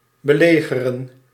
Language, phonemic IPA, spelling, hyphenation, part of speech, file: Dutch, /bəˈleːɣərə(n)/, belegeren, be‧le‧ge‧ren, verb, Nl-belegeren.ogg
- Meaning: to besiege